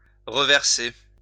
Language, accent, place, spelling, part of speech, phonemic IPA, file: French, France, Lyon, reverser, verb, /ʁə.vɛʁ.se/, LL-Q150 (fra)-reverser.wav
- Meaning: 1. to repour (pour again) 2. to pour back 3. to pay back, put back